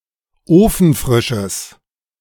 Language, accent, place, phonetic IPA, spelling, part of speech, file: German, Germany, Berlin, [ˈoːfn̩ˌfʁɪʃəs], ofenfrisches, adjective, De-ofenfrisches.ogg
- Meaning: strong/mixed nominative/accusative neuter singular of ofenfrisch